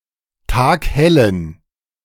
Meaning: inflection of taghell: 1. strong genitive masculine/neuter singular 2. weak/mixed genitive/dative all-gender singular 3. strong/weak/mixed accusative masculine singular 4. strong dative plural
- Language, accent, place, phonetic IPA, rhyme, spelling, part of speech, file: German, Germany, Berlin, [ˈtaːkˈhɛlən], -ɛlən, taghellen, adjective, De-taghellen.ogg